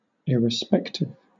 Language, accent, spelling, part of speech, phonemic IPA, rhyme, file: English, Southern England, irrespective, adjective, /ɪɹɪˈspɛktɪv/, -ɛktɪv, LL-Q1860 (eng)-irrespective.wav
- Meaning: 1. Heedless, regardless 2. Without regard for conditions, circumstances, or consequences; unbiased; independent; impartial 3. Disrespectful